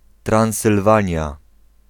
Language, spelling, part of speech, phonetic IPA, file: Polish, Transylwania, proper noun, [ˌtrãw̃sɨlˈvãɲja], Pl-Transylwania.ogg